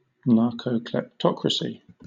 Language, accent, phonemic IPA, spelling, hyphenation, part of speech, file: English, Southern England, /ˈnɑːkəʊklɛpˈtɒkɹəsi/, narcokleptocracy, nar‧co‧klep‧to‧cra‧cy, noun, LL-Q1860 (eng)-narcokleptocracy.wav
- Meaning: 1. Drug lords and others involved in organized crime as a dominant group in society; the influence or rule exerted by this group 2. A government influenced by such persons; a narcocracy